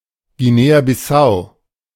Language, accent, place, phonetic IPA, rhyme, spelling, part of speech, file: German, Germany, Berlin, [ɡiˌneːabɪˈsaʊ̯], -aʊ̯, Guinea-Bissau, proper noun, De-Guinea-Bissau.ogg
- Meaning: Guinea-Bissau (a country in West Africa)